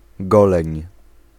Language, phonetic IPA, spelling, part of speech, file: Polish, [ˈɡɔlɛ̃ɲ], goleń, noun, Pl-goleń.ogg